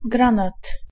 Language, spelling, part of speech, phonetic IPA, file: Polish, granat, noun, [ˈɡrãnat], Pl-granat.ogg